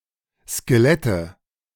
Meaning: nominative/accusative/genitive plural of Skelett
- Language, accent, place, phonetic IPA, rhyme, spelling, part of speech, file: German, Germany, Berlin, [skeˈlɛtə], -ɛtə, Skelette, noun, De-Skelette.ogg